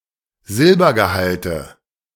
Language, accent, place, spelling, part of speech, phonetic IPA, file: German, Germany, Berlin, Silbergehalte, noun, [ˈzɪlbɐɡəˌhaltə], De-Silbergehalte.ogg
- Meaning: nominative/accusative/genitive plural of Silbergehalt